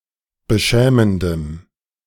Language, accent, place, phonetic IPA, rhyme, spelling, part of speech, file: German, Germany, Berlin, [bəˈʃɛːməndəm], -ɛːməndəm, beschämendem, adjective, De-beschämendem.ogg
- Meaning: strong dative masculine/neuter singular of beschämend